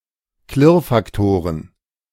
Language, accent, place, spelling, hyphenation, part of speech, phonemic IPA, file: German, Germany, Berlin, Klirrfaktoren, Klirr‧fak‧to‧ren, noun, /ˈklɪʁfakˌtoːʁən/, De-Klirrfaktoren.ogg
- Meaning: plural of Klirrfaktor